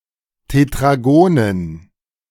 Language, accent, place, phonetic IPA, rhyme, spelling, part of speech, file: German, Germany, Berlin, [tetʁaˈɡoːnən], -oːnən, Tetragonen, noun, De-Tetragonen.ogg
- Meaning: dative plural of Tetragon